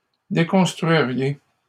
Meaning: second-person plural conditional of déconstruire
- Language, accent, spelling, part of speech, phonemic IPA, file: French, Canada, déconstruiriez, verb, /de.kɔ̃s.tʁɥi.ʁje/, LL-Q150 (fra)-déconstruiriez.wav